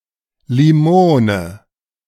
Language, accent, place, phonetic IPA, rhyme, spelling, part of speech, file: German, Germany, Berlin, [liˈmoːnə], -oːnə, Limone, noun, De-Limone.ogg
- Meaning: 1. lime (fruit) 2. lemon (fruit)